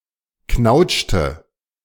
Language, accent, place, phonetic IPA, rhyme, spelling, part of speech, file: German, Germany, Berlin, [ˈknaʊ̯t͡ʃtə], -aʊ̯t͡ʃtə, knautschte, verb, De-knautschte.ogg
- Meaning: inflection of knautschen: 1. first/third-person singular preterite 2. first/third-person singular subjunctive II